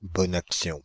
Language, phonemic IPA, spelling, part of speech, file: French, /bɔn ak.sjɔ̃/, bonne action, noun, Fr-bonne action.ogg
- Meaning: good deed, good turn